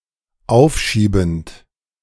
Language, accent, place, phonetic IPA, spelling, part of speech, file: German, Germany, Berlin, [ˈaʊ̯fˌʃiːbn̩t], aufschiebend, verb, De-aufschiebend.ogg
- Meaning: present participle of aufschieben